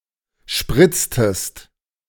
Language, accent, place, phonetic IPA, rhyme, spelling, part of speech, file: German, Germany, Berlin, [ˈʃpʁɪt͡stəst], -ɪt͡stəst, spritztest, verb, De-spritztest.ogg
- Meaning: inflection of spritzen: 1. second-person singular preterite 2. second-person singular subjunctive II